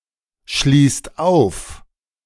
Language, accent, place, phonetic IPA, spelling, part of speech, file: German, Germany, Berlin, [ˌʃliːst ˈaʊ̯f], schließt auf, verb, De-schließt auf.ogg
- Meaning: inflection of aufschließen: 1. second/third-person singular present 2. second-person plural present 3. plural imperative